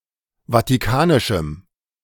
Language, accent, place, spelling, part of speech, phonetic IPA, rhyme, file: German, Germany, Berlin, vatikanischem, adjective, [vatiˈkaːnɪʃm̩], -aːnɪʃm̩, De-vatikanischem.ogg
- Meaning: strong dative masculine/neuter singular of vatikanisch